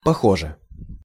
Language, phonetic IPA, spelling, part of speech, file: Russian, [pɐˈxoʐɨ], похоже, adverb / adjective, Ru-похоже.ogg
- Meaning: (adverb) it seems, apparently, it looks (as if); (adjective) short neuter singular of похо́жий (poxóžij)